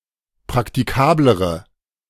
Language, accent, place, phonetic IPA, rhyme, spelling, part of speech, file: German, Germany, Berlin, [pʁaktiˈkaːbləʁə], -aːbləʁə, praktikablere, adjective, De-praktikablere.ogg
- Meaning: inflection of praktikabel: 1. strong/mixed nominative/accusative feminine singular comparative degree 2. strong nominative/accusative plural comparative degree